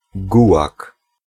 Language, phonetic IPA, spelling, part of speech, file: Polish, [ˈɡuwak], gułag, noun, Pl-gułag.ogg